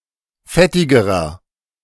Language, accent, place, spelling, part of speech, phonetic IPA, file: German, Germany, Berlin, fettigerer, adjective, [ˈfɛtɪɡəʁɐ], De-fettigerer.ogg
- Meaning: inflection of fettig: 1. strong/mixed nominative masculine singular comparative degree 2. strong genitive/dative feminine singular comparative degree 3. strong genitive plural comparative degree